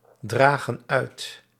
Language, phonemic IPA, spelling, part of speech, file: Dutch, /ˈdraɣə(n) ˈœyt/, dragen uit, verb, Nl-dragen uit.ogg
- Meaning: inflection of uitdragen: 1. plural present indicative 2. plural present subjunctive